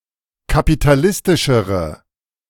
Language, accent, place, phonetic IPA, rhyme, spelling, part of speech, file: German, Germany, Berlin, [kapitaˈlɪstɪʃəʁə], -ɪstɪʃəʁə, kapitalistischere, adjective, De-kapitalistischere.ogg
- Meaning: inflection of kapitalistisch: 1. strong/mixed nominative/accusative feminine singular comparative degree 2. strong nominative/accusative plural comparative degree